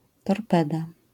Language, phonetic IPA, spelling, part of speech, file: Polish, [tɔrˈpɛda], torpeda, noun, LL-Q809 (pol)-torpeda.wav